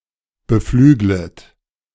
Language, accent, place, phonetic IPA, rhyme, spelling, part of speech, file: German, Germany, Berlin, [bəˈflyːɡlət], -yːɡlət, beflüglet, verb, De-beflüglet.ogg
- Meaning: second-person plural subjunctive I of beflügeln